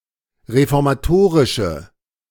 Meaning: inflection of reformatorisch: 1. strong/mixed nominative/accusative feminine singular 2. strong nominative/accusative plural 3. weak nominative all-gender singular
- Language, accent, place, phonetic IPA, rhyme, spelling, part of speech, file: German, Germany, Berlin, [ʁefɔʁmaˈtoːʁɪʃə], -oːʁɪʃə, reformatorische, adjective, De-reformatorische.ogg